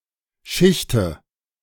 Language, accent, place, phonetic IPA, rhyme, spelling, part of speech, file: German, Germany, Berlin, [ˈʃɪçtə], -ɪçtə, schichte, verb, De-schichte.ogg
- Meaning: inflection of schichten: 1. first-person singular present 2. first/third-person singular subjunctive I 3. singular imperative